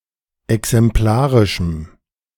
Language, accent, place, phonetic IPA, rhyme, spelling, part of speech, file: German, Germany, Berlin, [ɛksɛmˈplaːʁɪʃm̩], -aːʁɪʃm̩, exemplarischem, adjective, De-exemplarischem.ogg
- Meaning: strong dative masculine/neuter singular of exemplarisch